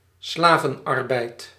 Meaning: slave labour
- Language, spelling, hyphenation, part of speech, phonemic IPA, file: Dutch, slavenarbeid, sla‧ven‧ar‧beid, noun, /ˈslaː.və(n)ˌɑr.bɛi̯t/, Nl-slavenarbeid.ogg